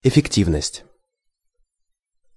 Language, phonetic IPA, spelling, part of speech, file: Russian, [ɪfʲɪkˈtʲivnəsʲtʲ], эффективность, noun, Ru-эффективность.ogg
- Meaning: 1. effectiveness, efficiency (extent to which time is well used) 2. efficacy, efficacity